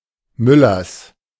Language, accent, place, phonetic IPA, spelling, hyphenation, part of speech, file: German, Germany, Berlin, [ˈmʏlɐs], Müllers, Mül‧lers, noun / proper noun, De-Müllers.ogg
- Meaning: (noun) genitive singular of Müller; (proper noun) plural of Müller